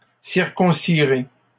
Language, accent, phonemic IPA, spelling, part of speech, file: French, Canada, /siʁ.kɔ̃.si.ʁe/, circoncirai, verb, LL-Q150 (fra)-circoncirai.wav
- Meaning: first-person singular simple future of circoncire